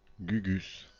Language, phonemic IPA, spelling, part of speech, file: French, /ɡy.ɡys/, gugusse, noun, Fr-gugusse.ogg
- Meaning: twit (foolish person)